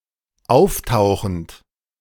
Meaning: present participle of auftauchen
- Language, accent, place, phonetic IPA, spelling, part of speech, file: German, Germany, Berlin, [ˈaʊ̯fˌtaʊ̯xn̩t], auftauchend, verb, De-auftauchend.ogg